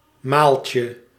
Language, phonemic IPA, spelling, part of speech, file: Dutch, /ˈmalcə/, maaltje, noun, Nl-maaltje.ogg
- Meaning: diminutive of maal